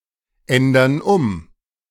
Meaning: inflection of umändern: 1. first/third-person plural present 2. first/third-person plural subjunctive I
- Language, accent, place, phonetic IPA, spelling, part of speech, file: German, Germany, Berlin, [ˌɛndɐn ˈʊm], ändern um, verb, De-ändern um.ogg